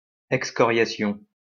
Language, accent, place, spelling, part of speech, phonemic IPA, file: French, France, Lyon, excoriation, noun, /ɛk.skɔ.ʁja.sjɔ̃/, LL-Q150 (fra)-excoriation.wav
- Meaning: excoriation (flaying of skin)